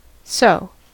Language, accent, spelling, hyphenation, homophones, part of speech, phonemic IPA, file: English, US, sew, sew, seau / so / soe, verb, /soʊ/, En-us-sew.ogg
- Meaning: To use a needle to pass thread repeatedly through (pieces of fabric) in order to join them together